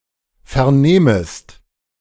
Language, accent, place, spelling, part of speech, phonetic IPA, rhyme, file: German, Germany, Berlin, vernehmest, verb, [fɛɐ̯ˈneːməst], -eːməst, De-vernehmest.ogg
- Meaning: second-person singular subjunctive I of vernehmen